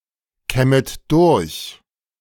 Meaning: second-person plural subjunctive I of durchkämmen
- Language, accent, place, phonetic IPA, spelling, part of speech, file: German, Germany, Berlin, [ˌkɛmət ˈdʊʁç], kämmet durch, verb, De-kämmet durch.ogg